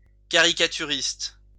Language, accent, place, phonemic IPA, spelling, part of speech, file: French, France, Lyon, /ka.ʁi.ka.ty.ʁist/, caricaturiste, noun, LL-Q150 (fra)-caricaturiste.wav
- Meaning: caricaturist